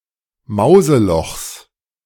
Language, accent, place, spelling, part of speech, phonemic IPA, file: German, Germany, Berlin, Mauselochs, noun, /ˈmaʊ̯zəˌlɔxs/, De-Mauselochs.ogg
- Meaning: genitive singular of Mauseloch